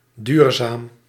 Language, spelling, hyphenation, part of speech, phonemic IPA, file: Dutch, duurzaam, duur‧zaam, adjective, /ˈdyːr.zaːm/, Nl-duurzaam.ogg
- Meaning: 1. durable, lasting 2. sustainable